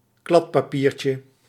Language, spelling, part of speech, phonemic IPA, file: Dutch, kladpapiertje, noun, /ˈklɑtpɑˌpircə/, Nl-kladpapiertje.ogg
- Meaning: diminutive of kladpapier